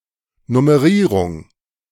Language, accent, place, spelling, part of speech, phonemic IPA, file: German, Germany, Berlin, Nummerierung, noun, /nʊməˈʁiːʁʊŋ/, De-Nummerierung.ogg
- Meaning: numbering